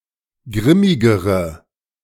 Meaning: inflection of grimmig: 1. strong/mixed nominative/accusative feminine singular comparative degree 2. strong nominative/accusative plural comparative degree
- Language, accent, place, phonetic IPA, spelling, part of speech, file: German, Germany, Berlin, [ˈɡʁɪmɪɡəʁə], grimmigere, adjective, De-grimmigere.ogg